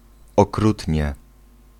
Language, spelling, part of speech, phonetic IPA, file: Polish, okrutnie, adverb, [ɔˈkrutʲɲɛ], Pl-okrutnie.ogg